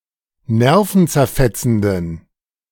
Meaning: inflection of nervenzerfetzend: 1. strong genitive masculine/neuter singular 2. weak/mixed genitive/dative all-gender singular 3. strong/weak/mixed accusative masculine singular
- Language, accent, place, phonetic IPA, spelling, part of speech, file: German, Germany, Berlin, [ˈnɛʁfn̩t͡sɛɐ̯ˌfɛt͡sn̩dən], nervenzerfetzenden, adjective, De-nervenzerfetzenden.ogg